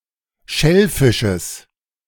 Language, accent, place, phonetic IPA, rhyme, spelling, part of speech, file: German, Germany, Berlin, [ˈʃɛlˌfɪʃəs], -ɛlfɪʃəs, Schellfisches, noun, De-Schellfisches.ogg
- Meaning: genitive singular of Schellfisch